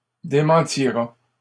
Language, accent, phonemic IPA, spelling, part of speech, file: French, Canada, /de.mɑ̃.ti.ʁa/, démentira, verb, LL-Q150 (fra)-démentira.wav
- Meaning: third-person singular simple future of démentir